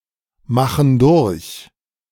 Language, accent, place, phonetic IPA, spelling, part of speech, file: German, Germany, Berlin, [ˌmaxn̩ ˈdʊʁç], machen durch, verb, De-machen durch.ogg
- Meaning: inflection of durchmachen: 1. first/third-person plural present 2. first/third-person plural subjunctive I